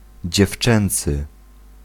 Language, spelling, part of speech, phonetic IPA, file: Polish, dziewczęcy, adjective, [d͡ʑɛfˈt͡ʃɛ̃nt͡sɨ], Pl-dziewczęcy.ogg